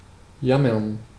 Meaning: to wail, whine, moan, lament, whinge
- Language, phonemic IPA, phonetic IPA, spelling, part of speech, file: German, /ˈjaməʁn/, [ˈjamɐn], jammern, verb, De-jammern.ogg